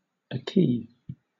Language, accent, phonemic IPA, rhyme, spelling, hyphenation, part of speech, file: English, Southern England, /aˈkiː/, -iː, acquis, ac‧quis, noun, LL-Q1860 (eng)-acquis.wav
- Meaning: Ellipsis of acquis communautaire.: The accumulated legislation, legal acts, and court decisions which constitute the total body of European Union law